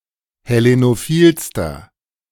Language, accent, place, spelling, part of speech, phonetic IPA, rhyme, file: German, Germany, Berlin, hellenophilster, adjective, [hɛˌlenoˈfiːlstɐ], -iːlstɐ, De-hellenophilster.ogg
- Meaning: inflection of hellenophil: 1. strong/mixed nominative masculine singular superlative degree 2. strong genitive/dative feminine singular superlative degree 3. strong genitive plural superlative degree